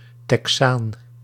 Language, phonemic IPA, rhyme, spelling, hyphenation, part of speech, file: Dutch, /tɛkˈsaːn/, -aːn, Texaan, Te‧xaan, noun, Nl-Texaan.ogg
- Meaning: a Texan, person from Texas